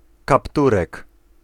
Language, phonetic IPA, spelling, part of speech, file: Polish, [kapˈturɛk], kapturek, noun, Pl-kapturek.ogg